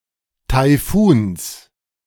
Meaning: genitive singular of Taifun
- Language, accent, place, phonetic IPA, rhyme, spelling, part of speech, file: German, Germany, Berlin, [taɪ̯ˈfuːns], -uːns, Taifuns, noun, De-Taifuns.ogg